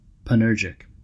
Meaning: 1. Reading to do anything; meddling 2. Skilled in all kinds of work
- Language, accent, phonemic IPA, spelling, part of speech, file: English, US, /pænˈɜː(ɹ)d͡ʒɪk/, panurgic, adjective, En-us-panurgic.ogg